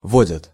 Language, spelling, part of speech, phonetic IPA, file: Russian, водят, verb, [ˈvodʲət], Ru-водят.ogg
- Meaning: third-person plural present indicative imperfective of води́ть (vodítʹ)